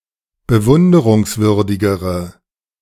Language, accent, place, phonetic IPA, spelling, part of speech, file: German, Germany, Berlin, [bəˈvʊndəʁʊŋsˌvʏʁdɪɡəʁə], bewunderungswürdigere, adjective, De-bewunderungswürdigere.ogg
- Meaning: inflection of bewunderungswürdig: 1. strong/mixed nominative/accusative feminine singular comparative degree 2. strong nominative/accusative plural comparative degree